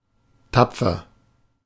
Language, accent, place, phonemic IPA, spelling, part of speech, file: German, Germany, Berlin, /ˈtapfər/, tapfer, adjective, De-tapfer.ogg
- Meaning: brave, dauntless, hardy, tough (strong in the face of hardship, pain, danger)